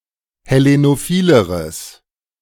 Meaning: strong/mixed nominative/accusative neuter singular comparative degree of hellenophil
- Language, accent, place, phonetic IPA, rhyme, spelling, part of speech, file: German, Germany, Berlin, [hɛˌlenoˈfiːləʁəs], -iːləʁəs, hellenophileres, adjective, De-hellenophileres.ogg